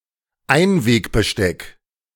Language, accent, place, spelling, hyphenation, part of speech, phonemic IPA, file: German, Germany, Berlin, Einwegbesteck, Ein‧weg‧be‧steck, noun, /ˈaɪ̯nveːkbəˌʃtɛk/, De-Einwegbesteck.ogg
- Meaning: disposable (plastic) cutlery